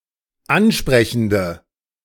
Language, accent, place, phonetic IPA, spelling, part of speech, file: German, Germany, Berlin, [ˈanˌʃpʁɛçn̩də], ansprechende, adjective, De-ansprechende.ogg
- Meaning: inflection of ansprechend: 1. strong/mixed nominative/accusative feminine singular 2. strong nominative/accusative plural 3. weak nominative all-gender singular